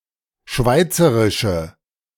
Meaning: inflection of schweizerisch: 1. strong/mixed nominative/accusative feminine singular 2. strong nominative/accusative plural 3. weak nominative all-gender singular
- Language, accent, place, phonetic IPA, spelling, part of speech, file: German, Germany, Berlin, [ˈʃvaɪ̯t͡səʁɪʃə], schweizerische, adjective, De-schweizerische.ogg